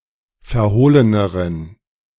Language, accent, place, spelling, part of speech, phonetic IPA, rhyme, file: German, Germany, Berlin, verhohleneren, adjective, [fɛɐ̯ˈhoːlənəʁən], -oːlənəʁən, De-verhohleneren.ogg
- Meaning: inflection of verhohlen: 1. strong genitive masculine/neuter singular comparative degree 2. weak/mixed genitive/dative all-gender singular comparative degree